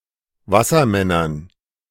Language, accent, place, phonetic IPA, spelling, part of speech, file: German, Germany, Berlin, [ˈvasɐˌmɛnɐn], Wassermännern, noun, De-Wassermännern.ogg
- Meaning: dative plural of Wassermann